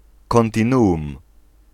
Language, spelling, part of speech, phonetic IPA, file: Polish, kontinuum, noun, [ˌkɔ̃ntʲĩˈnuʷũm], Pl-kontinuum.ogg